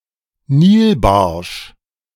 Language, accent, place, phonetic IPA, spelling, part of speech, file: German, Germany, Berlin, [ˈniːlˌbaʁʃ], Nilbarsch, noun, De-Nilbarsch.ogg
- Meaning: Nile perch, Lates niloticus (fish)